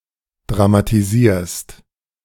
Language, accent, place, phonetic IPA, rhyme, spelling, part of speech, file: German, Germany, Berlin, [dʁamatiˈziːɐ̯st], -iːɐ̯st, dramatisierst, verb, De-dramatisierst.ogg
- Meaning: second-person singular present of dramatisieren